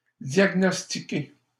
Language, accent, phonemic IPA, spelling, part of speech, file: French, Canada, /djaɡ.nɔs.ti.ke/, diagnostiquer, verb, LL-Q150 (fra)-diagnostiquer.wav
- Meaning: to diagnose (to determine which disease is causing a sick person's signs and symptoms; to find the diagnosis)